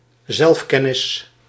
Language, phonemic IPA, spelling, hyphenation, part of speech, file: Dutch, /ˈzɛlfˌkɛ.nɪs/, zelfkennis, zelf‧ken‧nis, noun, Nl-zelfkennis.ogg
- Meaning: self-knowledge